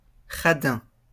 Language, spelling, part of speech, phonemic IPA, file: French, radin, adjective / noun, /ʁa.dɛ̃/, LL-Q150 (fra)-radin.wav
- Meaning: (adjective) stingy; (noun) cheapskate, miser